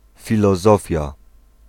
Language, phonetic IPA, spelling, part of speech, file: Polish, [ˌfʲilɔˈzɔfʲja], filozofia, noun, Pl-filozofia.ogg